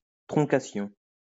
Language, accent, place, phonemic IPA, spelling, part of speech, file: French, France, Lyon, /tʁɔ̃.ka.sjɔ̃/, troncation, noun, LL-Q150 (fra)-troncation.wav
- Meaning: 1. clipping 2. disfixation, back-formation